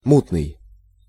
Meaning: turbid, murky (not clear)
- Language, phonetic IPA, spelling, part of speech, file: Russian, [ˈmutnɨj], мутный, adjective, Ru-мутный.ogg